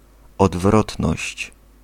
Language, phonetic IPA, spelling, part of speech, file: Polish, [ɔdˈvrɔtnɔɕt͡ɕ], odwrotność, noun, Pl-odwrotność.ogg